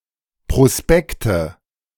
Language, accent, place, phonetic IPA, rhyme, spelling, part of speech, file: German, Germany, Berlin, [pʁoˈspɛktə], -ɛktə, Prospekte, noun, De-Prospekte.ogg
- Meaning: nominative/accusative/genitive plural of Prospekt